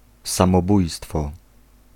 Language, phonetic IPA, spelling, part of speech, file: Polish, [ˌsãmɔˈbujstfɔ], samobójstwo, noun, Pl-samobójstwo.ogg